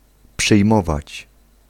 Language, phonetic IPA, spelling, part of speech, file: Polish, [pʃɨjˈmɔvat͡ɕ], przyjmować, verb, Pl-przyjmować.ogg